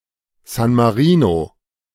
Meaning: 1. San Marino (a landlocked microstate in Southern Europe, located within the borders of Italy) 2. San Marino (the capital city of San Marino)
- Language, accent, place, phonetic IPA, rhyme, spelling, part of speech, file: German, Germany, Berlin, [zan maˈʁiːno], -iːno, San Marino, proper noun, De-San Marino.ogg